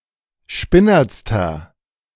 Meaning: inflection of spinnert: 1. strong/mixed nominative masculine singular superlative degree 2. strong genitive/dative feminine singular superlative degree 3. strong genitive plural superlative degree
- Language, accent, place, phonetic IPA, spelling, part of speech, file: German, Germany, Berlin, [ˈʃpɪnɐt͡stɐ], spinnertster, adjective, De-spinnertster.ogg